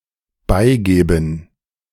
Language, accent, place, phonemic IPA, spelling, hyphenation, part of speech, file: German, Germany, Berlin, /ˈbaɪ̯ˌɡeːbn̩/, beigeben, bei‧ge‧ben, verb, De-beigeben.ogg
- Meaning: 1. to add (esp. used in cooking instructions) 2. to admit defeat; give in